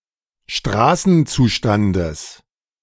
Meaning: genitive of Straßenzustand
- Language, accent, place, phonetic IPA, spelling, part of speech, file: German, Germany, Berlin, [ˈʃtʁaːsn̩ˌt͡suːʃtandəs], Straßenzustandes, noun, De-Straßenzustandes.ogg